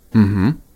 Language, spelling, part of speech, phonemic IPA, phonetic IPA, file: Russian, угу, interjection, /m̩ˈhm̩/, [m̩˧˨ˈm̥m̩˨˦], Ru-угу.ogg
- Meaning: mhm (yes)